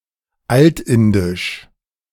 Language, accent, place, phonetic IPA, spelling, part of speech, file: German, Germany, Berlin, [ˈaltˌɪndɪʃ], altindisch, adjective, De-altindisch.ogg
- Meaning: Old Indic